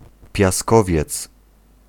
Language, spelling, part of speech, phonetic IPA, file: Polish, piaskowiec, noun, [pʲjaˈskɔvʲjɛt͡s], Pl-piaskowiec.ogg